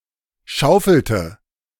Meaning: inflection of schaufeln: 1. first/third-person singular preterite 2. first/third-person singular subjunctive II
- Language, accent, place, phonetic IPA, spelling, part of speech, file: German, Germany, Berlin, [ˈʃaʊ̯fl̩tə], schaufelte, verb, De-schaufelte.ogg